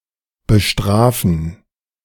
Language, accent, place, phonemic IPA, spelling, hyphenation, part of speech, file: German, Germany, Berlin, /bəˈʃtʁaːfən/, bestrafen, be‧stra‧fen, verb, De-bestrafen2.ogg
- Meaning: to punish